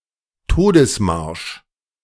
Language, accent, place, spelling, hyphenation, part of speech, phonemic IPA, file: German, Germany, Berlin, Todesmarsch, To‧des‧marsch, noun, /ˈtoːdəsˌmaʁʃ/, De-Todesmarsch.ogg
- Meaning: death march